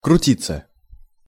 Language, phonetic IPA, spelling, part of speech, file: Russian, [krʊˈtʲit͡sːə], крутиться, verb, Ru-крутиться.ogg
- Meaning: 1. to turn, to spin, to gyrate 2. passive of крути́ть (krutítʹ)